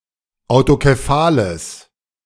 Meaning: strong/mixed nominative/accusative neuter singular of autokephal
- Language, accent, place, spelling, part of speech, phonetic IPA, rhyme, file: German, Germany, Berlin, autokephales, adjective, [aʊ̯tokeˈfaːləs], -aːləs, De-autokephales.ogg